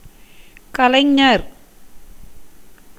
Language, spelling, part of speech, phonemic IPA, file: Tamil, கலைஞர், noun / proper noun, /kɐlɐɪ̯ɲɐɾ/, Ta-கலைஞர்.ogg
- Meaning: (noun) artist; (proper noun) 1. Muthuvel Karunanidhi, former chief minister of Tamil Nadu 2. Parithimar Kalaignar